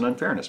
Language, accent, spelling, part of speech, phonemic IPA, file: English, US, unfairness, noun, /ʌnˈfɛɚnəs/, En-us-unfairness.ogg
- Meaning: 1. The state of being unfair; lack of justice 2. An unjust act or situation